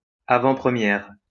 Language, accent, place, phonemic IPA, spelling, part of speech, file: French, France, Lyon, /a.vɑ̃.pʁə.mjɛʁ/, avant-première, noun, LL-Q150 (fra)-avant-première.wav
- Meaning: a preview (of a film)